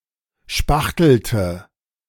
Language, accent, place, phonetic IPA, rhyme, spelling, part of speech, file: German, Germany, Berlin, [ˈʃpaxtl̩tə], -axtl̩tə, spachtelte, verb, De-spachtelte.ogg
- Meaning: inflection of spachteln: 1. first/third-person singular preterite 2. first/third-person singular subjunctive II